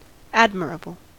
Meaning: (adjective) 1. Deserving of the highest esteem or admiration; estimable 2. Good or heroic; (noun) The quality, state, or an example of being admirable
- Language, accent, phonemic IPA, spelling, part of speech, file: English, US, /ˈæd.məɹ.ə.bəl/, admirable, adjective / noun, En-us-admirable.ogg